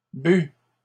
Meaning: feminine plural of bu
- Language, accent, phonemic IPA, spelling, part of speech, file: French, Canada, /by/, bues, verb, LL-Q150 (fra)-bues.wav